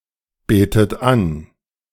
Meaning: inflection of anbeten: 1. third-person singular present 2. second-person plural present 3. second-person plural subjunctive I 4. plural imperative
- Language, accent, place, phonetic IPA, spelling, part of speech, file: German, Germany, Berlin, [ˌbeːtət ˈan], betet an, verb, De-betet an.ogg